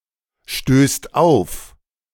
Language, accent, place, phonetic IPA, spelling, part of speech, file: German, Germany, Berlin, [ʃtøːst ˈaʊ̯f], stößt auf, verb, De-stößt auf.ogg
- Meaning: second/third-person singular present of aufstoßen